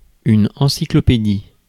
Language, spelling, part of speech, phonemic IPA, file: French, encyclopédie, noun, /ɑ̃.si.klɔ.pe.di/, Fr-encyclopédie.ogg
- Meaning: encyclopedia